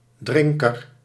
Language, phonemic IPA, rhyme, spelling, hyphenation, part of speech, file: Dutch, /ˈdrɪŋ.kər/, -ɪŋkər, drinker, drin‧ker, noun, Nl-drinker.ogg
- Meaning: 1. one who drinks 2. a regular drinker of alcoholic beverages 3. a smoker